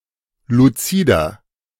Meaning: 1. comparative degree of luzid 2. inflection of luzid: strong/mixed nominative masculine singular 3. inflection of luzid: strong genitive/dative feminine singular
- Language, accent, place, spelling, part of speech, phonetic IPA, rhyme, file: German, Germany, Berlin, luzider, adjective, [luˈt͡siːdɐ], -iːdɐ, De-luzider.ogg